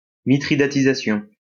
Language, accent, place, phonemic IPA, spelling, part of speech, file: French, France, Lyon, /mi.tʁi.da.ti.za.sjɔ̃/, mithridatisation, noun, LL-Q150 (fra)-mithridatisation.wav
- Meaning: 1. mithridatism; slow immunization (to a toxin) by repeated ingestion of increasing doses 2. desensitization (to a thing) by repeated exposure